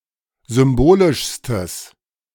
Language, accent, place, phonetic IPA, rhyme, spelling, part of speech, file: German, Germany, Berlin, [ˌzʏmˈboːlɪʃstəs], -oːlɪʃstəs, symbolischstes, adjective, De-symbolischstes.ogg
- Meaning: strong/mixed nominative/accusative neuter singular superlative degree of symbolisch